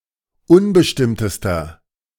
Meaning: inflection of unbestimmt: 1. strong/mixed nominative masculine singular superlative degree 2. strong genitive/dative feminine singular superlative degree 3. strong genitive plural superlative degree
- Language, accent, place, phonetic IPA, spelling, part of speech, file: German, Germany, Berlin, [ˈʊnbəʃtɪmtəstɐ], unbestimmtester, adjective, De-unbestimmtester.ogg